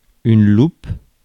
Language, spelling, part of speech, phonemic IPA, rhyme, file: French, loupe, noun, /lup/, -up, Fr-loupe.ogg
- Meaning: 1. magnifying glass 2. loupe 3. wen (a cyst on the skin) 4. burl, a growth on the side of a tree 5. laziness